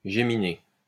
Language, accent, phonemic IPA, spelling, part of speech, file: French, France, /ʒe.mi.ne/, géminée, noun, LL-Q150 (fra)-géminée.wav
- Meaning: geminate (double consonant)